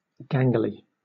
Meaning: Tall and thin, especially so as to cause physical awkwardness
- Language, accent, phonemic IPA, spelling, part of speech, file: English, Southern England, /ˈɡæŋɡli/, gangly, adjective, LL-Q1860 (eng)-gangly.wav